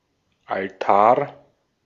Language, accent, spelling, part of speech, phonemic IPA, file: German, Austria, Altar, noun, /alˈtaː(ɐ̯)/, De-at-Altar.ogg
- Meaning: altar (table or similar structure used for religious rites)